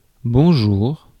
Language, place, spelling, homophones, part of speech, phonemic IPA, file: French, Paris, bonjour, Bonjour, noun / interjection, /bɔ̃.ʒuʁ/, Fr-bonjour.ogg
- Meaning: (noun) greetings; hello (general salutation); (interjection) 1. good day; good afternoon 2. goodbye